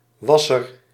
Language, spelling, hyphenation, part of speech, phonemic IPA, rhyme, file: Dutch, wasser, was‧ser, noun, /ˈʋɑ.sər/, -ɑsər, Nl-wasser.ogg
- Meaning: a washer, someone who washes